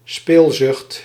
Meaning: eagerness or desire to gamble, often pathologically
- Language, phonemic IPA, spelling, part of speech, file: Dutch, /ˈspelzʏxt/, speelzucht, noun, Nl-speelzucht.ogg